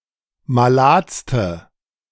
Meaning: inflection of malad: 1. strong/mixed nominative/accusative feminine singular superlative degree 2. strong nominative/accusative plural superlative degree
- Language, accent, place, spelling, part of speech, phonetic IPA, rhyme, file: German, Germany, Berlin, maladste, adjective, [maˈlaːt͡stə], -aːt͡stə, De-maladste.ogg